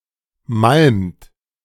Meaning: inflection of malmen: 1. second-person plural present 2. third-person singular present 3. plural imperative
- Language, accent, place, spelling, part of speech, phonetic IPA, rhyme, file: German, Germany, Berlin, malmt, verb, [malmt], -almt, De-malmt.ogg